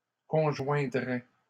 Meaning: third-person singular conditional of conjoindre
- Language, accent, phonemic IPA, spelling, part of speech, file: French, Canada, /kɔ̃.ʒwɛ̃.dʁɛ/, conjoindrait, verb, LL-Q150 (fra)-conjoindrait.wav